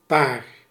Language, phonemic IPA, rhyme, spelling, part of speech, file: Dutch, /paːr/, -aːr, paar, noun / verb, Nl-paar.ogg
- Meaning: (noun) 1. pair, couple 2. a few, a couple, some; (verb) inflection of paren: 1. first-person singular present indicative 2. second-person singular present indicative 3. imperative